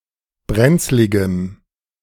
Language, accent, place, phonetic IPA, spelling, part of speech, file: German, Germany, Berlin, [ˈbʁɛnt͡slɪɡəm], brenzligem, adjective, De-brenzligem.ogg
- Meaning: strong dative masculine/neuter singular of brenzlig